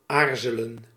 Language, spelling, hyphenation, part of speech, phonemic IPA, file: Dutch, aarzelen, aar‧ze‧len, verb, /ˈaːrzələ(n)/, Nl-aarzelen.ogg
- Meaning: to hesitate